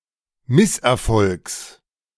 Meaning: genitive singular of Misserfolg
- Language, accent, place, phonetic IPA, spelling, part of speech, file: German, Germany, Berlin, [ˈmɪsʔɛɐ̯ˌfɔlks], Misserfolgs, noun, De-Misserfolgs.ogg